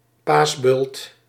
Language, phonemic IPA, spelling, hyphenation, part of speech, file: Dutch, /ˈpaːs.bʏlt/, paasbult, paas‧bult, noun, Nl-paasbult.ogg
- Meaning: Easter fire